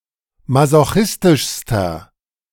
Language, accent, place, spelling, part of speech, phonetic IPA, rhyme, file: German, Germany, Berlin, masochistischster, adjective, [mazoˈxɪstɪʃstɐ], -ɪstɪʃstɐ, De-masochistischster.ogg
- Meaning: inflection of masochistisch: 1. strong/mixed nominative masculine singular superlative degree 2. strong genitive/dative feminine singular superlative degree